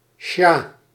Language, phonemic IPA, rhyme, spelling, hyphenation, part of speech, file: Dutch, /ʃaː/, -aː, sjah, sjah, noun, Nl-sjah.ogg
- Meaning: shah (king of Persia or Iran)